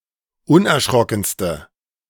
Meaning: inflection of unerschrocken: 1. strong/mixed nominative/accusative feminine singular superlative degree 2. strong nominative/accusative plural superlative degree
- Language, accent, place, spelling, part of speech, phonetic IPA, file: German, Germany, Berlin, unerschrockenste, adjective, [ˈʊnʔɛɐ̯ˌʃʁɔkn̩stə], De-unerschrockenste.ogg